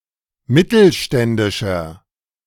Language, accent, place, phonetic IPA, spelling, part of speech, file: German, Germany, Berlin, [ˈmɪtl̩ˌʃtɛndɪʃɐ], mittelständischer, adjective, De-mittelständischer.ogg
- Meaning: inflection of mittelständisch: 1. strong/mixed nominative masculine singular 2. strong genitive/dative feminine singular 3. strong genitive plural